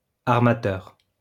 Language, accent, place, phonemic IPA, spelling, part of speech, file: French, France, Lyon, /aʁ.ma.tœʁ/, armateur, noun, LL-Q150 (fra)-armateur.wav
- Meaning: shipowner